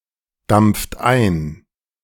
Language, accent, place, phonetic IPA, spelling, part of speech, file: German, Germany, Berlin, [ˌdamp͡ft ˈaɪ̯n], dampft ein, verb, De-dampft ein.ogg
- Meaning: inflection of eindampfen: 1. second-person plural present 2. third-person singular present 3. plural imperative